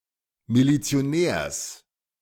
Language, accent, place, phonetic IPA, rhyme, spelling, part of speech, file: German, Germany, Berlin, [milit͡si̯oˈnɛːɐ̯s], -ɛːɐ̯s, Milizionärs, noun, De-Milizionärs.ogg
- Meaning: genitive singular of Milizionär